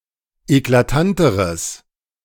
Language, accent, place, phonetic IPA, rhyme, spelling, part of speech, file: German, Germany, Berlin, [eklaˈtantəʁəs], -antəʁəs, eklatanteres, adjective, De-eklatanteres.ogg
- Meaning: strong/mixed nominative/accusative neuter singular comparative degree of eklatant